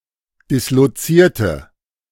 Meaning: inflection of disloziert: 1. strong/mixed nominative/accusative feminine singular 2. strong nominative/accusative plural 3. weak nominative all-gender singular
- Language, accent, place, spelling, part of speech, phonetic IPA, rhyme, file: German, Germany, Berlin, dislozierte, adjective / verb, [ˌdɪsloˈt͡siːɐ̯tə], -iːɐ̯tə, De-dislozierte.ogg